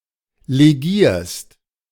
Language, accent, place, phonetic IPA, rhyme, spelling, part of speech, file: German, Germany, Berlin, [leˈɡiːɐ̯st], -iːɐ̯st, legierst, verb, De-legierst.ogg
- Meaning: second-person singular present of legieren